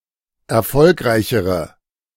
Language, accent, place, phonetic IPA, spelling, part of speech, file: German, Germany, Berlin, [ɛɐ̯ˈfɔlkʁaɪ̯çəʁə], erfolgreichere, adjective, De-erfolgreichere.ogg
- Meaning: inflection of erfolgreich: 1. strong/mixed nominative/accusative feminine singular comparative degree 2. strong nominative/accusative plural comparative degree